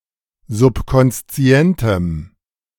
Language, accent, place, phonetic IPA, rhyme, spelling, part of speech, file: German, Germany, Berlin, [zʊpkɔnsˈt͡si̯ɛntəm], -ɛntəm, subkonszientem, adjective, De-subkonszientem.ogg
- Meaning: strong dative masculine/neuter singular of subkonszient